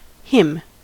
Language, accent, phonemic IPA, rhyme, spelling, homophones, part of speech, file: English, US, /hɪm/, -ɪm, hymn, him, noun / verb, En-us-hymn.ogg
- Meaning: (noun) A song of praise or worship, especially a religious one; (verb) 1. To sing a hymn 2. To praise or extol in hymns